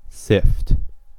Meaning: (verb) 1. To sieve or strain (something) 2. To separate or scatter (things) as if by sieving
- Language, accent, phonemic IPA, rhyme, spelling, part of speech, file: English, US, /sɪft/, -ɪft, sift, verb / noun, En-us-sift.ogg